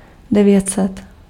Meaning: nine hundred
- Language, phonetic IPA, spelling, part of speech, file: Czech, [ˈdɛvjɛtsɛt], devět set, numeral, Cs-devět set.ogg